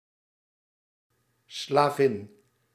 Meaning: female slave
- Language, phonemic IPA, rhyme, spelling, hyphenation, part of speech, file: Dutch, /slaːˈvɪn/, -ɪn, slavin, sla‧vin, noun, Nl-slavin.ogg